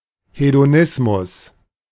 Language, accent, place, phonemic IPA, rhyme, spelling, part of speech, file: German, Germany, Berlin, /hedoˈnɪsmʊs/, -ɪsmʊs, Hedonismus, noun, De-Hedonismus.ogg
- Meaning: hedonism